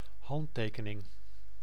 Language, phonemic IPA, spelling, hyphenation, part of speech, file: Dutch, /ˈɦɑnˌteː.kə.nɪŋ/, handtekening, hand‧te‧ke‧ning, noun, Nl-handtekening.ogg
- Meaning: signature, autograph